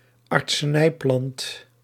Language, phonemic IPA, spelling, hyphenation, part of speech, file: Dutch, /ɑrtsəˈnɛi̯ˌplɑnt/, artsenijplant, art‧se‧nij‧plant, noun, Nl-artsenijplant.ogg
- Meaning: medicinal plant (plant used in medicine)